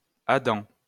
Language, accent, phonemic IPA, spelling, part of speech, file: French, France, /a.dɑ̃/, adent, noun, LL-Q150 (fra)-adent.wav
- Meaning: joggle